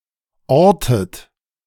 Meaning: inflection of orten: 1. second-person plural present 2. second-person plural subjunctive I 3. third-person singular present 4. plural imperative
- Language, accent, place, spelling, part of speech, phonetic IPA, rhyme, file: German, Germany, Berlin, ortet, verb, [ˈɔʁtət], -ɔʁtət, De-ortet.ogg